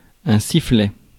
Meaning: 1. whistle (instrument) 2. whistle (sound)
- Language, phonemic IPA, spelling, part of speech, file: French, /si.flɛ/, sifflet, noun, Fr-sifflet.ogg